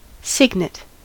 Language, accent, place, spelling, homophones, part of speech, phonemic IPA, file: English, US, California, cygnet, signet, noun, /ˈsɪɡ.nɪt/, En-us-cygnet.ogg
- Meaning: The young of a swan